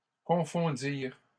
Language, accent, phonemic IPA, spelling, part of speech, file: French, Canada, /kɔ̃.fɔ̃.diʁ/, confondirent, verb, LL-Q150 (fra)-confondirent.wav
- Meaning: third-person plural past historic of confondre